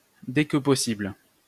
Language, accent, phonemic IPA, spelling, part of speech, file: French, France, /dɛ k(ə) pɔ.sibl/, dès que possible, adverb, LL-Q150 (fra)-dès que possible.wav
- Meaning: as soon as possible